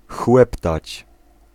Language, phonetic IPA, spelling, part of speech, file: Polish, [ˈxwɛptat͡ɕ], chłeptać, verb, Pl-chłeptać.ogg